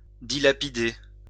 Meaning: to squander, waste, whittle away
- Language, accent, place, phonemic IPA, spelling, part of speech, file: French, France, Lyon, /di.la.pi.de/, dilapider, verb, LL-Q150 (fra)-dilapider.wav